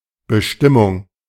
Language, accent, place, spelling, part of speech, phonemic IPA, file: German, Germany, Berlin, Bestimmung, noun, /bəˈʃtɪmʊŋ/, De-Bestimmung.ogg
- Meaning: 1. determination (act of determining or measuring) 2. destination (intended purpose) 3. appointment, designation 4. regulation 5. modifier; attribute (of a noun); complement (of a verb)